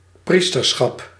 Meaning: 1. priesthood (referring to priests as a whole) 2. priesthood (state of being a priest) 3. one of the three major orders of the Roman Catholic Church - the priestly order
- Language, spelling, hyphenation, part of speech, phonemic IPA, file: Dutch, priesterschap, pries‧ter‧schap, noun, /ˈpris.tərˌsxɑp/, Nl-priesterschap.ogg